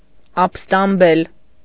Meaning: to rebel
- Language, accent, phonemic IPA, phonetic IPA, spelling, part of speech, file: Armenian, Eastern Armenian, /ɑp(ə)stɑmˈbel/, [ɑp(ə)stɑmbél], ապստամբել, verb, Hy-ապստամբել.ogg